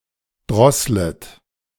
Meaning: second-person plural subjunctive I of drosseln
- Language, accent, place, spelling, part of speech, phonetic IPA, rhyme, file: German, Germany, Berlin, drosslet, verb, [ˈdʁɔslət], -ɔslət, De-drosslet.ogg